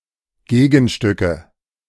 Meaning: nominative/accusative/genitive plural of Gegenstück
- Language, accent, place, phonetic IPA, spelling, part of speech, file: German, Germany, Berlin, [ˈɡeːɡn̩ˌʃtʏkə], Gegenstücke, noun, De-Gegenstücke.ogg